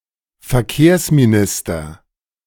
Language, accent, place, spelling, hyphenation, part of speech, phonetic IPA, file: German, Germany, Berlin, Verkehrsminister, Ver‧kehrs‧mi‧nis‧ter, noun, [fɛɐ̯ˈkeːɐ̯smiˌnɪstɐ], De-Verkehrsminister.ogg
- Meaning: minister of transportation